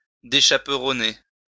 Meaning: to unhood
- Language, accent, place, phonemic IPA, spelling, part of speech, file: French, France, Lyon, /de.ʃa.pʁɔ.ne/, déchaperonner, verb, LL-Q150 (fra)-déchaperonner.wav